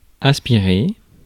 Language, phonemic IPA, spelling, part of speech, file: French, /as.pi.ʁe/, aspirer, verb, Fr-aspirer.ogg
- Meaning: 1. to aspire (to wait, to long) 2. to aspirate (to produce an audible puff of breath. especially following a consonant) 3. to inhale, to breathe in or out 4. to extract, to suck up